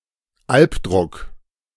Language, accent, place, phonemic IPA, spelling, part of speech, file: German, Germany, Berlin, /ˈalpˌdʁʊk/, Albdruck, noun, De-Albdruck.ogg
- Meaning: alternative form of Alpdruck